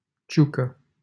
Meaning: a surname
- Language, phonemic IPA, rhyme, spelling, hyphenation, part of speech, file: Romanian, /ˈt͡ʃʲukə/, -ukə, Ciucă, Ciu‧că, proper noun, LL-Q7913 (ron)-Ciucă.wav